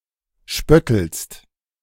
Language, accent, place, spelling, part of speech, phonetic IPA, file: German, Germany, Berlin, spöttelst, verb, [ˈʃpœtl̩st], De-spöttelst.ogg
- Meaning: second-person singular present of spötteln